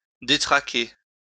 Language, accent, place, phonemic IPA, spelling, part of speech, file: French, France, Lyon, /de.tʁa.ke/, détraquer, verb, LL-Q150 (fra)-détraquer.wav
- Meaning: 1. to upset, wreck 2. to unsettle